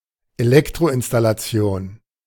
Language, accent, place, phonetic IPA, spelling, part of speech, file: German, Germany, Berlin, [ʔeˈlɛktʁoʔɪnstalaˌt͡si̯oːn], Elektroinstallation, noun, De-Elektroinstallation.ogg
- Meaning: electrical installation